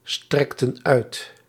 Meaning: inflection of uitstrekken: 1. plural past indicative 2. plural past subjunctive
- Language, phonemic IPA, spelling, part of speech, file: Dutch, /ˈstrɛktə(n) ˈœyt/, strekten uit, verb, Nl-strekten uit.ogg